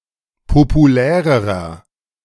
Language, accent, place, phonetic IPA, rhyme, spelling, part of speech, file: German, Germany, Berlin, [popuˈlɛːʁəʁɐ], -ɛːʁəʁɐ, populärerer, adjective, De-populärerer.ogg
- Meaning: inflection of populär: 1. strong/mixed nominative masculine singular comparative degree 2. strong genitive/dative feminine singular comparative degree 3. strong genitive plural comparative degree